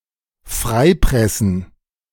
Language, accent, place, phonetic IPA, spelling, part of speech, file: German, Germany, Berlin, [ˈfʁaɪ̯ˌpʁɛsn̩], freipressen, verb, De-freipressen.ogg
- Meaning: to force someone's release